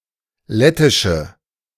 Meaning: inflection of lettisch: 1. strong/mixed nominative/accusative feminine singular 2. strong nominative/accusative plural 3. weak nominative all-gender singular
- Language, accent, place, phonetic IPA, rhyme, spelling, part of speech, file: German, Germany, Berlin, [ˈlɛtɪʃə], -ɛtɪʃə, lettische, adjective, De-lettische.ogg